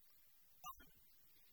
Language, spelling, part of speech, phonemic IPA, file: Tamil, பல், noun / determiner / adjective, /pɐl/, Ta-பல்.ogg
- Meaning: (noun) 1. tooth 2. fang, tusk 3. cog of a wheel; tooth of a saw or sickle; tooth of a comb 4. fluke of an anchor 5. the inner tooth-like piece, as of garlic, onion, etc 6. small piece of coconut pulp